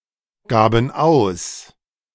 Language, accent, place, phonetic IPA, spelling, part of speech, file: German, Germany, Berlin, [ˌɡaːbn̩ ˈaʊ̯s], gaben aus, verb, De-gaben aus.ogg
- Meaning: first/third-person plural preterite of ausgeben